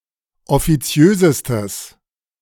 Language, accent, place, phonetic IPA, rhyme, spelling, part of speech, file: German, Germany, Berlin, [ɔfiˈt͡si̯øːzəstəs], -øːzəstəs, offiziösestes, adjective, De-offiziösestes.ogg
- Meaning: strong/mixed nominative/accusative neuter singular superlative degree of offiziös